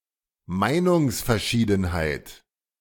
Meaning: difference of opinion, disagreement, argument
- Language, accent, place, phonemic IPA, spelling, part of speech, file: German, Germany, Berlin, /ˈmaɪ̯nʊŋsfɛɐ̯ˌʃiːdn̩haɪ̯t/, Meinungsverschiedenheit, noun, De-Meinungsverschiedenheit.ogg